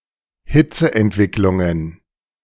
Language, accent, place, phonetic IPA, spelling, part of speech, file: German, Germany, Berlin, [ˈhɪt͡səʔɛntˌvɪklʊŋən], Hitzeentwicklungen, noun, De-Hitzeentwicklungen.ogg
- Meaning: plural of Hitzeentwicklung